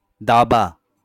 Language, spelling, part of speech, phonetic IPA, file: Bengali, দাবা, noun, [ˈd̪a.ba], LL-Q9610 (ben)-দাবা.wav
- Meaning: chess